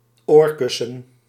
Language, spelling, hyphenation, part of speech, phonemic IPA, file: Dutch, oorkussen, oor‧kus‧sen, noun, /ˈoːr.kʏ.sə(n)/, Nl-oorkussen.ogg
- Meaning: 1. pillow 2. earpad, pad used in headphones